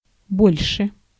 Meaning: 1. comparative degree of большо́й (bolʹšój), comparative degree of мно́го (mnógo): bigger, larger, more, greater 2. comparative degree of бо́льший (bólʹšij) 3. any more
- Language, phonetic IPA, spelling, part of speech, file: Russian, [ˈbolʲʂɨ], больше, adverb, Ru-больше.ogg